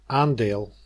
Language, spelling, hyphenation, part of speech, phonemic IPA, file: Dutch, aandeel, aan‧deel, noun, /ˈaːn.deːl/, Nl-aandeel.ogg
- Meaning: 1. contribution, part 2. a share, stock